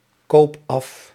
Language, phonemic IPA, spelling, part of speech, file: Dutch, /ˈkoːp ˈɑf/, koop af, verb, Nl-koop af.ogg
- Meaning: inflection of afkopen: 1. first-person singular present indicative 2. second-person singular present indicative 3. imperative